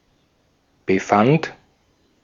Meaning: first/third-person singular preterite of befinden
- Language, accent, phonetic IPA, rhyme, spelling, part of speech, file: German, Austria, [bəˈfant], -ant, befand, verb, De-at-befand.ogg